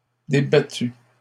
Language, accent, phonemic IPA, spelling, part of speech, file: French, Canada, /de.ba.ty/, débattus, verb, LL-Q150 (fra)-débattus.wav
- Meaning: masculine plural of débattu